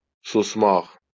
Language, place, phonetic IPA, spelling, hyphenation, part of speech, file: Azerbaijani, Baku, [susˈmaχ], susmaq, sus‧maq, verb, LL-Q9292 (aze)-susmaq.wav
- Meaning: 1. to be quiet, to keep silence 2. to hush, to become quiet